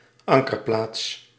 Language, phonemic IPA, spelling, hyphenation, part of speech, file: Dutch, /ˈɑŋ.kərˌplaːts/, ankerplaats, an‧ker‧plaats, noun, Nl-ankerplaats.ogg
- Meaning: anchorage